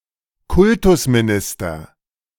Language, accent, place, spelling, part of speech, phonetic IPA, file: German, Germany, Berlin, Kultusminister, noun, [ˈkʊltʊsmiˌnɪstɐ], De-Kultusminister.ogg
- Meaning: 1. culture minister 2. education minister